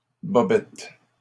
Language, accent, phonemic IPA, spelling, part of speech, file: French, Canada, /bɔ.bɛt/, bobettes, noun, LL-Q150 (fra)-bobettes.wav
- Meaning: briefs